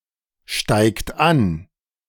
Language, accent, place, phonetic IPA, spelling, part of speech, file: German, Germany, Berlin, [ˌʃtaɪ̯kt ˈan], steigt an, verb, De-steigt an.ogg
- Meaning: inflection of ansteigen: 1. third-person singular present 2. second-person plural present 3. plural imperative